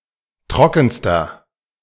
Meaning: inflection of trocken: 1. strong/mixed nominative masculine singular superlative degree 2. strong genitive/dative feminine singular superlative degree 3. strong genitive plural superlative degree
- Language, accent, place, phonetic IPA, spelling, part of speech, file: German, Germany, Berlin, [ˈtʁɔkn̩stɐ], trockenster, adjective, De-trockenster.ogg